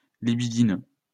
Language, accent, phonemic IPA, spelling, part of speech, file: French, France, /li.bi.di.nø/, libidineux, adjective, LL-Q150 (fra)-libidineux.wav
- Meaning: libidinous, lustful